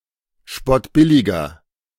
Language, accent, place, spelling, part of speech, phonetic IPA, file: German, Germany, Berlin, spottbilliger, adjective, [ˈʃpɔtˌbɪlɪɡɐ], De-spottbilliger.ogg
- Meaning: inflection of spottbillig: 1. strong/mixed nominative masculine singular 2. strong genitive/dative feminine singular 3. strong genitive plural